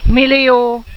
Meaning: a million, 10⁶
- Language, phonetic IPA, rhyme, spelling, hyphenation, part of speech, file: Hungarian, [ˈmilijoː], -joː, millió, mil‧lió, numeral, Hu-millió.ogg